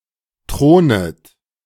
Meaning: second-person plural subjunctive I of thronen
- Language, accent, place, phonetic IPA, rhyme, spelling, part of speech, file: German, Germany, Berlin, [ˈtʁoːnət], -oːnət, thronet, verb, De-thronet.ogg